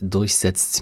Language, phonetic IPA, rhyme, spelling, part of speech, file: German, [dʊʁçˈzɛt͡st], -ɛt͡st, durchsetzt, verb, De-durchsetzt.oga
- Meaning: inflection of durchsetzen: 1. second/third-person singular dependent present 2. second-person plural dependent present